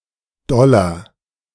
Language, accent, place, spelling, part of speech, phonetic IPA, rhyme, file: German, Germany, Berlin, doller, adjective, [ˈdɔlɐ], -ɔlɐ, De-doller.ogg
- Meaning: 1. comparative degree of doll 2. inflection of doll: strong/mixed nominative masculine singular 3. inflection of doll: strong genitive/dative feminine singular